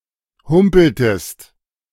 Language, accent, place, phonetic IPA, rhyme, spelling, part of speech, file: German, Germany, Berlin, [ˈhʊmpl̩təst], -ʊmpl̩təst, humpeltest, verb, De-humpeltest.ogg
- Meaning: inflection of humpeln: 1. second-person singular preterite 2. second-person singular subjunctive II